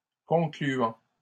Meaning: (verb) present participle of conclure; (adjective) 1. concluding 2. conclusive
- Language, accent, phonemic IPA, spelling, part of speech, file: French, Canada, /kɔ̃.kly.ɑ̃/, concluant, verb / adjective, LL-Q150 (fra)-concluant.wav